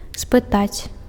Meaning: to ask
- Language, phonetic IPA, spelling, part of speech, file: Belarusian, [spɨˈtat͡sʲ], спытаць, verb, Be-спытаць.ogg